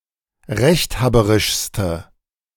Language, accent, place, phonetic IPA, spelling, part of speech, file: German, Germany, Berlin, [ˈʁɛçtˌhaːbəʁɪʃstə], rechthaberischste, adjective, De-rechthaberischste.ogg
- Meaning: inflection of rechthaberisch: 1. strong/mixed nominative/accusative feminine singular superlative degree 2. strong nominative/accusative plural superlative degree